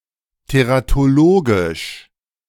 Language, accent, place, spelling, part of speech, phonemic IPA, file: German, Germany, Berlin, teratologisch, adjective, /teʁatoˈloːɡɪʃ/, De-teratologisch.ogg
- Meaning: teratologic, teratological